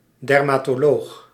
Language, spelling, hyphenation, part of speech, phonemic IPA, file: Dutch, dermatoloog, der‧ma‧to‧loog, noun, /ˌdɛr.maː.toːˈloːx/, Nl-dermatoloog.ogg
- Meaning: dermatologist, someone who is skilled in, professes or practices the medical specialism dermatology